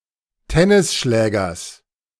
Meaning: genitive singular of Tennisschläger
- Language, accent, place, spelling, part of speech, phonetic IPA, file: German, Germany, Berlin, Tennisschlägers, noun, [ˈtɛnɪsˌʃlɛːɡɐs], De-Tennisschlägers.ogg